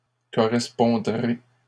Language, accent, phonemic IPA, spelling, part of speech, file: French, Canada, /kɔ.ʁɛs.pɔ̃.dʁe/, correspondrai, verb, LL-Q150 (fra)-correspondrai.wav
- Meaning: first-person singular future of correspondre